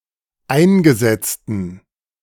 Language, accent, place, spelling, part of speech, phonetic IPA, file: German, Germany, Berlin, eingesetzten, adjective, [ˈaɪ̯nɡəˌzɛt͡stn̩], De-eingesetzten.ogg
- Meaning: inflection of eingesetzt: 1. strong genitive masculine/neuter singular 2. weak/mixed genitive/dative all-gender singular 3. strong/weak/mixed accusative masculine singular 4. strong dative plural